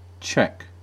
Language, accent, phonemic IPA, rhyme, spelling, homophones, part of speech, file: English, US, /t͡ʃɛk/, -ɛk, Czech, check / cheque, adjective / noun / proper noun, En-us-Czech.ogg
- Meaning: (adjective) Of, from, or pertaining to Czechia, the Czech people, culture, or language; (noun) A person from the Czech Republic (Czechia) or of Czech descent